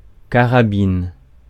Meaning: 1. rifle 2. mistress of a cavalry soldier
- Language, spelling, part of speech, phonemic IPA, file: French, carabine, noun, /ka.ʁa.bin/, Fr-carabine.ogg